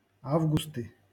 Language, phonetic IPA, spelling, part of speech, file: Russian, [ˈavɡʊstɨ], августы, noun, LL-Q7737 (rus)-августы.wav
- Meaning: nominative/accusative plural of а́вгуст (ávgust)